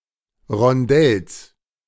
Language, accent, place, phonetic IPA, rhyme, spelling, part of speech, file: German, Germany, Berlin, [ʁɔnˈdɛls], -ɛls, Rondells, noun, De-Rondells.ogg
- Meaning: genitive singular of Rondell